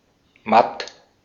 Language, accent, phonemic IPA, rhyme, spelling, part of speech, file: German, Austria, /mat/, -at, matt, adjective, De-at-matt.ogg
- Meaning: 1. dull (not shiny) 2. exhausted, weak, feeble (not lively, vigorous, energetic)